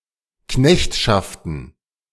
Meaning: plural of Knechtschaft
- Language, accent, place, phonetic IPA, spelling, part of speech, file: German, Germany, Berlin, [ˈknɛçtʃaftn̩], Knechtschaften, noun, De-Knechtschaften.ogg